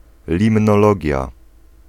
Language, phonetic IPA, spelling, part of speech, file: Polish, [ˌlʲĩmnɔˈlɔɟja], limnologia, noun, Pl-limnologia.ogg